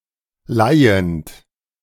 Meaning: present participle of leihen
- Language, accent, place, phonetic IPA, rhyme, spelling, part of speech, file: German, Germany, Berlin, [ˈlaɪ̯ənt], -aɪ̯ənt, leihend, verb, De-leihend.ogg